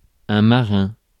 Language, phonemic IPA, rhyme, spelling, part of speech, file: French, /ma.ʁɛ̃/, -ɛ̃, marin, adjective / noun, Fr-marin.ogg
- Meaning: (adjective) 1. maritime 2. marine; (noun) 1. seaman 2. navy